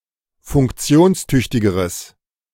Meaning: strong/mixed nominative/accusative neuter singular comparative degree of funktionstüchtig
- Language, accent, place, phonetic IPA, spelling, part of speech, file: German, Germany, Berlin, [fʊŋkˈt͡si̯oːnsˌtʏçtɪɡəʁəs], funktionstüchtigeres, adjective, De-funktionstüchtigeres.ogg